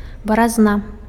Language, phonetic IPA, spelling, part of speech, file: Belarusian, [barazˈna], баразна, noun, Be-баразна.ogg
- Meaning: furrow